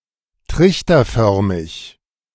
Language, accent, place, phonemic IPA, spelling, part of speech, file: German, Germany, Berlin, /ˈtʁɪçtɐˌfœʁmɪç/, trichterförmig, adjective, De-trichterförmig.ogg
- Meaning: funnel-shaped